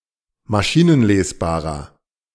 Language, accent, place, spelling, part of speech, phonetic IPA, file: German, Germany, Berlin, maschinenlesbarer, adjective, [maˈʃiːnənˌleːsbaːʁɐ], De-maschinenlesbarer.ogg
- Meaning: inflection of maschinenlesbar: 1. strong/mixed nominative masculine singular 2. strong genitive/dative feminine singular 3. strong genitive plural